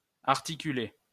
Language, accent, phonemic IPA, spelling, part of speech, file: French, France, /aʁ.ti.ky.le/, articuler, verb, LL-Q150 (fra)-articuler.wav
- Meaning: to join, articulate